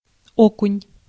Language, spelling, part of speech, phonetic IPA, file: Russian, окунь, noun, [ˈokʊnʲ], Ru-окунь.ogg
- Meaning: 1. perch 2. bass